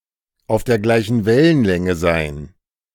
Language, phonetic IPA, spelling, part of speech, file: German, [aʊ̯f deːɐ̯ ˌɡlaɪ̯çn̩ ˈvɛlənlɛŋə ˌzaɪ̯n], auf der gleichen Wellenlänge sein, phrase, De-auf der gleichen Wellenlänge sein.ogg